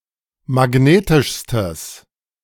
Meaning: strong/mixed nominative/accusative neuter singular superlative degree of magnetisch
- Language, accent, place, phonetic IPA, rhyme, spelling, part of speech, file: German, Germany, Berlin, [maˈɡneːtɪʃstəs], -eːtɪʃstəs, magnetischstes, adjective, De-magnetischstes.ogg